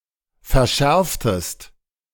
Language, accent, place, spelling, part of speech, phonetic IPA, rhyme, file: German, Germany, Berlin, verschärftest, verb, [fɛɐ̯ˈʃɛʁftəst], -ɛʁftəst, De-verschärftest.ogg
- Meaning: inflection of verschärfen: 1. second-person singular preterite 2. second-person singular subjunctive II